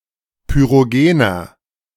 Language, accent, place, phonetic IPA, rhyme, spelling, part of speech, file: German, Germany, Berlin, [pyʁoˈɡeːnɐ], -eːnɐ, pyrogener, adjective, De-pyrogener.ogg
- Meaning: inflection of pyrogen: 1. strong/mixed nominative masculine singular 2. strong genitive/dative feminine singular 3. strong genitive plural